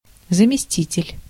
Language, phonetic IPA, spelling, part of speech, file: Russian, [zəmʲɪˈsʲtʲitʲɪlʲ], заместитель, noun, Ru-заместитель.ogg
- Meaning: 1. substitute, replacement 2. deputy, assistant, vice-